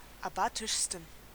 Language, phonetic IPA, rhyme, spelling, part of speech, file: German, [aˈbaːtɪʃstn̩], -aːtɪʃstn̩, abatischsten, adjective, De-abatischsten.ogg
- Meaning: 1. superlative degree of abatisch 2. inflection of abatisch: strong genitive masculine/neuter singular superlative degree